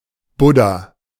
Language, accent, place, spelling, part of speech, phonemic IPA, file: German, Germany, Berlin, Buddha, noun, /ˈbʊda/, De-Buddha.ogg
- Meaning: buddha